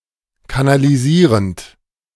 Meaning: present participle of kanalisieren
- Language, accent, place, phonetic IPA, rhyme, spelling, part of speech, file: German, Germany, Berlin, [kanaliˈziːʁənt], -iːʁənt, kanalisierend, verb, De-kanalisierend.ogg